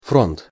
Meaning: 1. front (large operational military command that controls several armies; equivalent to U.S. army group) 2. battlefront; front line
- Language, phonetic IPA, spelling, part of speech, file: Russian, [ˈfront], фронт, noun, Ru-фронт.ogg